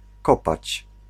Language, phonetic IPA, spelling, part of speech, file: Polish, [ˈkɔpat͡ɕ], kopać, verb, Pl-kopać.ogg